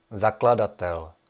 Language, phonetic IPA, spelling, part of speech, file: Czech, [ˈzakladatɛl], zakladatel, noun, Cs-zakladatel.ogg
- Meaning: founder (one who founds, establishes, and erects)